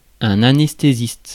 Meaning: anesthetist
- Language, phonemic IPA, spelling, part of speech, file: French, /a.nɛs.te.zist/, anesthésiste, noun, Fr-anesthésiste.ogg